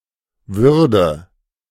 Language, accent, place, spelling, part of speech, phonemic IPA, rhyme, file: German, Germany, Berlin, Würde, noun, /ˈvʏrdə/, -ə, De-Würde.ogg
- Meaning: dignity